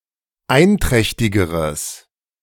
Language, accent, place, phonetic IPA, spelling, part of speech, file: German, Germany, Berlin, [ˈaɪ̯nˌtʁɛçtɪɡəʁəs], einträchtigeres, adjective, De-einträchtigeres.ogg
- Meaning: strong/mixed nominative/accusative neuter singular comparative degree of einträchtig